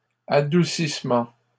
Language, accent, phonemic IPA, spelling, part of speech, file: French, Canada, /a.du.sis.mɑ̃/, adoucissement, noun, LL-Q150 (fra)-adoucissement.wav
- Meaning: sweetening, mellowing, softening